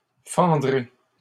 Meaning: first-person singular future of fendre
- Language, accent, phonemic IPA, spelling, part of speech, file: French, Canada, /fɑ̃.dʁe/, fendrai, verb, LL-Q150 (fra)-fendrai.wav